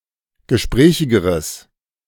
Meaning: strong/mixed nominative/accusative neuter singular comparative degree of gesprächig
- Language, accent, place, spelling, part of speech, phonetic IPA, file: German, Germany, Berlin, gesprächigeres, adjective, [ɡəˈʃpʁɛːçɪɡəʁəs], De-gesprächigeres.ogg